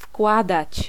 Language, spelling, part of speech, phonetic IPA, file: Polish, wkładać, verb, [ˈfkwadat͡ɕ], Pl-wkładać.ogg